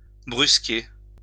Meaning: 1. to rush (an operation) 2. to browbeat
- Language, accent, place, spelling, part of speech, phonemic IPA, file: French, France, Lyon, brusquer, verb, /bʁys.ke/, LL-Q150 (fra)-brusquer.wav